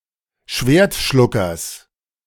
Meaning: genitive singular of Schwertschlucker
- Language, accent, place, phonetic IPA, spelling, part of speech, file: German, Germany, Berlin, [ˈʃveːɐ̯tˌʃlʊkɐs], Schwertschluckers, noun, De-Schwertschluckers.ogg